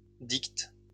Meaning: second-person singular present indicative/subjunctive of dicter
- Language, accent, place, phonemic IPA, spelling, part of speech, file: French, France, Lyon, /dikt/, dictes, verb, LL-Q150 (fra)-dictes.wav